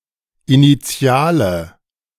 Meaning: inflection of initial: 1. strong/mixed nominative/accusative feminine singular 2. strong nominative/accusative plural 3. weak nominative all-gender singular 4. weak accusative feminine/neuter singular
- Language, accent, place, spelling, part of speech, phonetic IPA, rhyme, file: German, Germany, Berlin, initiale, adjective, [iniˈt͡si̯aːlə], -aːlə, De-initiale.ogg